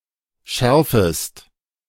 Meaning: second-person singular subjunctive I of schärfen
- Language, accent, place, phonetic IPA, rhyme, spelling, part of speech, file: German, Germany, Berlin, [ˈʃɛʁfəst], -ɛʁfəst, schärfest, verb, De-schärfest.ogg